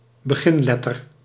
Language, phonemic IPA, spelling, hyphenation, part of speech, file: Dutch, /bəˈɣɪnˌlɛ.tər/, beginletter, be‧gin‧let‧ter, noun, Nl-beginletter.ogg
- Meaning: initial, first letter